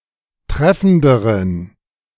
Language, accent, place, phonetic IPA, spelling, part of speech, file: German, Germany, Berlin, [ˈtʁɛfn̩dəʁən], treffenderen, adjective, De-treffenderen.ogg
- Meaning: inflection of treffend: 1. strong genitive masculine/neuter singular comparative degree 2. weak/mixed genitive/dative all-gender singular comparative degree